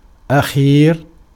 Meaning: 1. last, final 2. last, latest, most recent
- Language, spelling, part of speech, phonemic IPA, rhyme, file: Arabic, أخير, adjective, /ʔa.xiːr/, -iːr, Ar-أخير.ogg